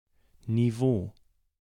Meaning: 1. level (the physical elevation at which something is located or constructed) 2. level (the approximate magnitude of a property on a scale)
- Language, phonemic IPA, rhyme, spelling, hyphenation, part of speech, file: German, /niˈvoː/, -oː, Niveau, Ni‧veau, noun, De-Niveau.ogg